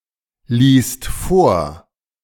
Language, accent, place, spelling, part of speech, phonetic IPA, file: German, Germany, Berlin, liest vor, verb, [ˌliːst ˈfoːɐ̯], De-liest vor.ogg
- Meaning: second/third-person singular present of vorlesen